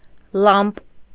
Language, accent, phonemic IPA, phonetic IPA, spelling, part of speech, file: Armenian, Eastern Armenian, /lɑmp/, [lɑmp], լամպ, noun, Hy-լամպ.ogg
- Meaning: lamp